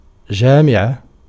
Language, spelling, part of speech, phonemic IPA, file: Arabic, جامعة, noun, /d͡ʒaː.mi.ʕa/, Ar-جامعة.ogg
- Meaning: 1. university, academy 2. league, union 3. community 4. federation 5. Ecclesiastes (book of the Bible)